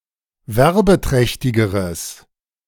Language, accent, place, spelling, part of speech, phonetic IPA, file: German, Germany, Berlin, werbeträchtigeres, adjective, [ˈvɛʁbəˌtʁɛçtɪɡəʁəs], De-werbeträchtigeres.ogg
- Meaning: strong/mixed nominative/accusative neuter singular comparative degree of werbeträchtig